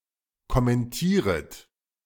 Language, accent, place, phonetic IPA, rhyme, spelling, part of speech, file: German, Germany, Berlin, [kɔmɛnˈtiːʁət], -iːʁət, kommentieret, verb, De-kommentieret.ogg
- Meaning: second-person plural subjunctive I of kommentieren